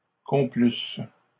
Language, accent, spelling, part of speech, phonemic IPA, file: French, Canada, complusse, verb, /kɔ̃.plys/, LL-Q150 (fra)-complusse.wav
- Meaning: first-person singular imperfect conditional of complaire